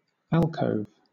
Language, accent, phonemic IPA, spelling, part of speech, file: English, Southern England, /ˈæl.kəʊv/, alcove, noun / verb, LL-Q1860 (eng)-alcove.wav
- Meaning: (noun) 1. A small recessed area set off from a larger room 2. A shady retreat